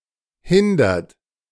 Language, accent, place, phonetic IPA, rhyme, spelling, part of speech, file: German, Germany, Berlin, [ˈhɪndɐt], -ɪndɐt, hindert, verb, De-hindert.ogg
- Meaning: inflection of hindern: 1. third-person singular present 2. second-person plural present 3. plural imperative